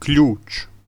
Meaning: 1. key 2. spanner, wrench
- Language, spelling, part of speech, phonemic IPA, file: Serbo-Croatian, ključ, noun, /kʎûːt͡ʃ/, Hr-ključ.ogg